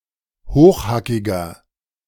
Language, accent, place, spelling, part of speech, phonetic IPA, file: German, Germany, Berlin, hochhackiger, adjective, [ˈhoːxˌhakɪɡɐ], De-hochhackiger.ogg
- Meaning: inflection of hochhackig: 1. strong/mixed nominative masculine singular 2. strong genitive/dative feminine singular 3. strong genitive plural